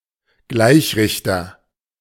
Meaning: rectifier
- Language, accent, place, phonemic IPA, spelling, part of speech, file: German, Germany, Berlin, /ˈɡlaɪ̯çrɪçtɐ/, Gleichrichter, noun, De-Gleichrichter.ogg